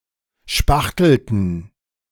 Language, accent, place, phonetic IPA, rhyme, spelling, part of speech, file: German, Germany, Berlin, [ˈʃpaxtl̩tn̩], -axtl̩tn̩, spachtelten, verb, De-spachtelten.ogg
- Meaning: inflection of spachteln: 1. first/third-person plural preterite 2. first/third-person plural subjunctive II